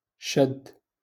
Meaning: 1. to grab 2. to hold on 3. to imprison 4. to be or become firm
- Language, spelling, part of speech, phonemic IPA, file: Moroccan Arabic, شد, verb, /ʃadd/, LL-Q56426 (ary)-شد.wav